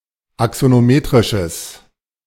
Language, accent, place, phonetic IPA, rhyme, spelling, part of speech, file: German, Germany, Berlin, [aksonoˈmeːtʁɪʃəs], -eːtʁɪʃəs, axonometrisches, adjective, De-axonometrisches.ogg
- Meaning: strong/mixed nominative/accusative neuter singular of axonometrisch